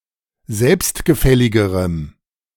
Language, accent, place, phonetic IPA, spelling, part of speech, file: German, Germany, Berlin, [ˈzɛlpstɡəˌfɛlɪɡəʁəm], selbstgefälligerem, adjective, De-selbstgefälligerem.ogg
- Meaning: strong dative masculine/neuter singular comparative degree of selbstgefällig